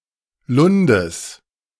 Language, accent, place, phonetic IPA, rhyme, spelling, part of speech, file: German, Germany, Berlin, [ˈlʊndəs], -ʊndəs, Lundes, noun, De-Lundes.ogg
- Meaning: genitive of Lund